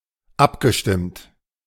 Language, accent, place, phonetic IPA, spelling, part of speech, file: German, Germany, Berlin, [ˈapɡəˌʃtɪmt], abgestimmt, verb, De-abgestimmt.ogg
- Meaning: past participle of abstimmen